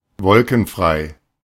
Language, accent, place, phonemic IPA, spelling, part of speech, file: German, Germany, Berlin, /ˈvɔlkn̩ˌfʁaɪ̯/, wolkenfrei, adjective, De-wolkenfrei.ogg
- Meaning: cloudless